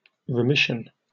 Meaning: A pardon of a sin; (chiefly historical, also figuratively) the forgiveness of an offence, or relinquishment of a (legal) claim or a debt
- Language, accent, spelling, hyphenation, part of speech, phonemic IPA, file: English, Received Pronunciation, remission, re‧mis‧sion, noun, /ɹɪˈmɪʃ(ə)n/, En-uk-remission.oga